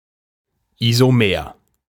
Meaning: isomer
- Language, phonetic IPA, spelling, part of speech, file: German, [izoˈmeːɐ̯], Isomer, noun, De-Isomer.ogg